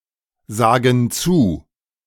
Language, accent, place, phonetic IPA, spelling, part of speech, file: German, Germany, Berlin, [ˌzaːɡn̩ ˈt͡suː], sagen zu, verb, De-sagen zu.ogg
- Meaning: inflection of zusagen: 1. first/third-person plural present 2. first/third-person plural subjunctive I